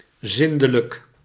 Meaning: 1. clean, tidy 2. housebroken, potty-trained
- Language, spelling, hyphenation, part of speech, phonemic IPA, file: Dutch, zindelijk, zin‧de‧lijk, adjective, /ˈzɪn.də.lək/, Nl-zindelijk.ogg